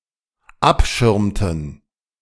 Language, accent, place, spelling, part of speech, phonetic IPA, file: German, Germany, Berlin, abschirmten, verb, [ˈapˌʃɪʁmtn̩], De-abschirmten.ogg
- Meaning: inflection of abschirmen: 1. first/third-person plural dependent preterite 2. first/third-person plural dependent subjunctive II